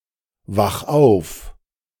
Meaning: 1. singular imperative of aufwachen 2. first-person singular present of aufwachen
- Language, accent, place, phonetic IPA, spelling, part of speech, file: German, Germany, Berlin, [ˌvax ˈaʊ̯f], wach auf, verb, De-wach auf.ogg